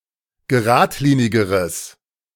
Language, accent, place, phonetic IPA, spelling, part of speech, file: German, Germany, Berlin, [ɡəˈʁaːtˌliːnɪɡəʁəs], geradlinigeres, adjective, De-geradlinigeres.ogg
- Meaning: strong/mixed nominative/accusative neuter singular comparative degree of geradlinig